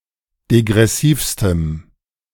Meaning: strong dative masculine/neuter singular superlative degree of degressiv
- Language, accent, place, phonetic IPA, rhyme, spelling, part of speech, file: German, Germany, Berlin, [deɡʁɛˈsiːfstəm], -iːfstəm, degressivstem, adjective, De-degressivstem.ogg